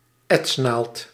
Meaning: an etching needle
- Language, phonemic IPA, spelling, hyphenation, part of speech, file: Dutch, /ˈɛts.naːlt/, etsnaald, ets‧naald, noun, Nl-etsnaald.ogg